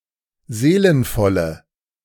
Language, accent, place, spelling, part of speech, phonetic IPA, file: German, Germany, Berlin, seelenvolle, adjective, [ˈzeːlənfɔlə], De-seelenvolle.ogg
- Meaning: inflection of seelenvoll: 1. strong/mixed nominative/accusative feminine singular 2. strong nominative/accusative plural 3. weak nominative all-gender singular